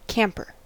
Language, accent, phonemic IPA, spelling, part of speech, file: English, US, /ˈkæmpɚ/, camper, noun / adjective, En-us-camper.ogg
- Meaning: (noun) 1. A person who camps, especially in a tent etc 2. A motor vehicle with a rear compartment for living and sleeping in